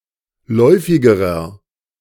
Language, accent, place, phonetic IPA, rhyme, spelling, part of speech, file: German, Germany, Berlin, [ˈlɔɪ̯fɪɡəʁɐ], -ɔɪ̯fɪɡəʁɐ, läufigerer, adjective, De-läufigerer.ogg
- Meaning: inflection of läufig: 1. strong/mixed nominative masculine singular comparative degree 2. strong genitive/dative feminine singular comparative degree 3. strong genitive plural comparative degree